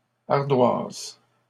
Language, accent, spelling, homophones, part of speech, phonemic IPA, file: French, Canada, ardoises, ardoise / ardoisent, noun / verb, /aʁ.dwaz/, LL-Q150 (fra)-ardoises.wav
- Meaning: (noun) plural of ardoise; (verb) second-person singular present indicative/subjunctive of ardoiser